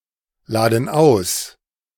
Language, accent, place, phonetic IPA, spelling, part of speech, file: German, Germany, Berlin, [ˌlaːdn̩ ˈaʊ̯s], laden aus, verb, De-laden aus.ogg
- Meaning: inflection of ausladen: 1. first/third-person plural present 2. first/third-person plural subjunctive I